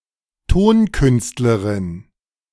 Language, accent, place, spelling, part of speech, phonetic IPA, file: German, Germany, Berlin, Tonkünstlerin, noun, [ˈtoːnˌkʏnstləʁɪn], De-Tonkünstlerin.ogg
- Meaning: female equivalent of Tonkünstler